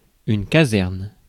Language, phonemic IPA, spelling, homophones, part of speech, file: French, /ka.zɛʁn/, caserne, casernes, noun, Fr-caserne.ogg
- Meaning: barracks